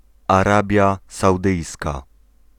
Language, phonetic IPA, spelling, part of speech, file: Polish, [aˈrabʲja sawˈdɨjska], Arabia Saudyjska, proper noun, Pl-Arabia Saudyjska.ogg